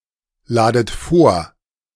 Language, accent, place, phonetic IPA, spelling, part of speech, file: German, Germany, Berlin, [ˌlaːdət ˈfoːɐ̯], ladet vor, verb, De-ladet vor.ogg
- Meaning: inflection of vorladen: 1. second-person plural present 2. second-person plural subjunctive I 3. plural imperative